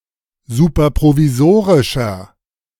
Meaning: inflection of superprovisorisch: 1. strong/mixed nominative masculine singular 2. strong genitive/dative feminine singular 3. strong genitive plural
- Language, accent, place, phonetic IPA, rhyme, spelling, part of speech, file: German, Germany, Berlin, [ˌsuːpɐpʁoviˈzoːʁɪʃɐ], -oːʁɪʃɐ, superprovisorischer, adjective, De-superprovisorischer.ogg